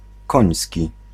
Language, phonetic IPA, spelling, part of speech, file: Polish, [ˈkɔ̃j̃sʲci], koński, adjective, Pl-koński.ogg